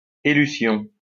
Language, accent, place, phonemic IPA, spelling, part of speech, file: French, France, Lyon, /e.ly.sjɔ̃/, élution, noun, LL-Q150 (fra)-élution.wav
- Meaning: elution